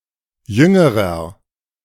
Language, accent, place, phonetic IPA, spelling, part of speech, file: German, Germany, Berlin, [ˈjʏŋəʁɐ], jüngerer, adjective, De-jüngerer.ogg
- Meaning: inflection of jung: 1. strong/mixed nominative masculine singular comparative degree 2. strong genitive/dative feminine singular comparative degree 3. strong genitive plural comparative degree